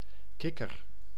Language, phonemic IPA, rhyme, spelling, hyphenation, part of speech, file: Dutch, /ˈkɪ.kər/, -ɪkər, kikker, kik‧ker, noun, Nl-kikker.ogg
- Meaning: 1. a frog, relatively smooth amphibian of the order Anura 2. a cleat (device used for fastening), especially a nautical cleat